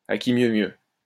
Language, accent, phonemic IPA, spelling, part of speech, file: French, France, /a ki mjø mjø/, à qui mieux mieux, adverb, LL-Q150 (fra)-à qui mieux mieux.wav
- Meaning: each one more so than the other, in a trying-to-outdo-each other manner